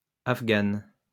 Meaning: female equivalent of Afghan
- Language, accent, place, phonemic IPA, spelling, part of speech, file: French, France, Lyon, /af.ɡan/, Afghane, noun, LL-Q150 (fra)-Afghane.wav